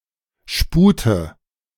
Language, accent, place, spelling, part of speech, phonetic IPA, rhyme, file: German, Germany, Berlin, spute, verb, [ˈʃpuːtə], -uːtə, De-spute.ogg
- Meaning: inflection of sputen: 1. first-person singular present 2. first/third-person singular subjunctive I 3. singular imperative